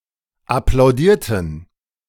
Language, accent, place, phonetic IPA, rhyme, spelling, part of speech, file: German, Germany, Berlin, [aplaʊ̯ˈdiːɐ̯tn̩], -iːɐ̯tn̩, applaudierten, verb, De-applaudierten.ogg
- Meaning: inflection of applaudieren: 1. first/third-person plural preterite 2. first/third-person plural subjunctive II